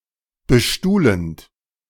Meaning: present participle of bestuhlen
- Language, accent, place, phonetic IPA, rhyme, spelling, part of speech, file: German, Germany, Berlin, [bəˈʃtuːlənt], -uːlənt, bestuhlend, verb, De-bestuhlend.ogg